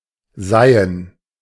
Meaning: to filter, to sift, to strain
- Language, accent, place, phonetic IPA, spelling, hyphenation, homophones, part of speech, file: German, Germany, Berlin, [ˈzaɪ̯ən], seihen, sei‧hen, seien, verb, De-seihen.ogg